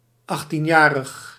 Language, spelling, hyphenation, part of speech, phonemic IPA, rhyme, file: Dutch, achttienjarig, acht‧tien‧ja‧rig, adjective, /ˌɑx.tinˈjaː.rəx/, -aːrəx, Nl-achttienjarig.ogg
- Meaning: eighteen-year-old